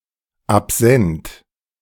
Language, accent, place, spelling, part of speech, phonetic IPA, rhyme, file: German, Germany, Berlin, absent, adjective, [apˈzɛnt], -ɛnt, De-absent2.ogg
- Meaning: 1. absent, not present 2. absent-minded